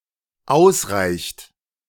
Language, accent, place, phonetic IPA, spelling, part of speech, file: German, Germany, Berlin, [ˈaʊ̯sˌʁaɪ̯çt], ausreicht, verb, De-ausreicht.ogg
- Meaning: inflection of ausreichen: 1. third-person singular dependent present 2. second-person plural dependent present